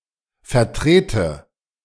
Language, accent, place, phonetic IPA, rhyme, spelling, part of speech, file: German, Germany, Berlin, [fɛɐ̯ˈtʁeːtə], -eːtə, vertrete, verb, De-vertrete.ogg
- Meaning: inflection of vertreten: 1. first-person singular present 2. first/third-person singular subjunctive I